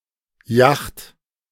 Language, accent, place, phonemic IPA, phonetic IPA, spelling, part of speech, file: German, Germany, Berlin, /jaxt/, [jaχt], Jacht, noun, De-Jacht.ogg
- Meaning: yacht